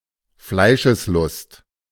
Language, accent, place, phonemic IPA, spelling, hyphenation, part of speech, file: German, Germany, Berlin, /ˈflaɪ̯ʃəsˌlʊst/, Fleischeslust, Flei‧sches‧lust, noun, De-Fleischeslust.ogg
- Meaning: carnal or bodily lust